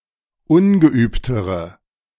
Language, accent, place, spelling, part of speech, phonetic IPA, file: German, Germany, Berlin, ungeübtere, adjective, [ˈʊnɡəˌʔyːptəʁə], De-ungeübtere.ogg
- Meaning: inflection of ungeübt: 1. strong/mixed nominative/accusative feminine singular comparative degree 2. strong nominative/accusative plural comparative degree